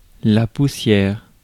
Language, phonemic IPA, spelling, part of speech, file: French, /pu.sjɛʁ/, poussière, noun, Fr-poussière.ogg
- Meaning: 1. dust 2. speck of dust 3. very little; next to nothing